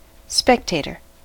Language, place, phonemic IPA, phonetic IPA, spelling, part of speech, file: English, California, /ˈspɛkteɪtɚ/, [ˈspɛkteɪɾɚ], spectator, noun, En-us-spectator.ogg
- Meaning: 1. One who watches an event; especially, an event held outdoors 2. One who observes, sees, or views something; an observer